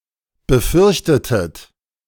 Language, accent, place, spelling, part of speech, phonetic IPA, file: German, Germany, Berlin, befürchtetet, verb, [bəˈfʏʁçtətət], De-befürchtetet.ogg
- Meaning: inflection of befürchten: 1. second-person plural preterite 2. second-person plural subjunctive II